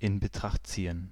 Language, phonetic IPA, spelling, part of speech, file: German, [ɪn bəˈtʁaxt ˈt͡siːən], in Betracht ziehen, phrase, De-in Betracht ziehen.ogg
- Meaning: to take into consideration